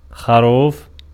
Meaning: 1. lamb (mammal) 2. a colt of 6-7 months of age (mammal) 3. young ignorant person, naive, being born yesterday
- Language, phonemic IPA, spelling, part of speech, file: Arabic, /xa.ruːf/, خروف, noun, Ar-خروف.ogg